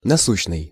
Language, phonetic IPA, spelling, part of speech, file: Russian, [nɐˈsuɕːnɨj], насущный, adjective, Ru-насущный.ogg
- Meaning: vital, essential, urgent, necessary